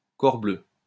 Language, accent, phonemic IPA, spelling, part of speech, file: French, France, /kɔʁ.blø/, corbleu, interjection, LL-Q150 (fra)-corbleu.wav
- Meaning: by Jove